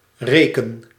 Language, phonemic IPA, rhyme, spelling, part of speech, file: Dutch, /ˈreː.kən/, -eːkən, reken, verb, Nl-reken.ogg
- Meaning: inflection of rekenen: 1. first-person singular present indicative 2. second-person singular present indicative 3. imperative